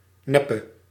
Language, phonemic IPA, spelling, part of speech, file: Dutch, /ˈnɛpə/, neppe, noun / adjective / verb, Nl-neppe.ogg
- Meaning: inflection of nep: 1. masculine/feminine singular attributive 2. definite neuter singular attributive 3. plural attributive